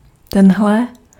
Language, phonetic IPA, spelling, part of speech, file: Czech, [ˈtɛnɦlɛ], tenhle, pronoun, Cs-tenhle.ogg
- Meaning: this